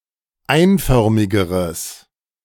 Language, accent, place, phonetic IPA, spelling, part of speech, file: German, Germany, Berlin, [ˈaɪ̯nˌfœʁmɪɡəʁəs], einförmigeres, adjective, De-einförmigeres.ogg
- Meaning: strong/mixed nominative/accusative neuter singular comparative degree of einförmig